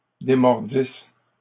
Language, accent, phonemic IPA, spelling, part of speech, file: French, Canada, /de.mɔʁ.dis/, démordisses, verb, LL-Q150 (fra)-démordisses.wav
- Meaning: second-person singular imperfect subjunctive of démordre